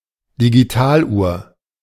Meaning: digital clock
- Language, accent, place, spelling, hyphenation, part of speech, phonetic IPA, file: German, Germany, Berlin, Digitaluhr, Di‧gi‧tal‧uhr, noun, [diɡiˈtaːlˌʔuːɐ̯], De-Digitaluhr.ogg